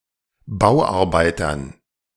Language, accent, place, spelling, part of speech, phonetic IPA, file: German, Germany, Berlin, Bauarbeitern, noun, [ˈbaʊ̯ʔaʁˌbaɪ̯tɐn], De-Bauarbeitern.ogg
- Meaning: dative plural of Bauarbeiter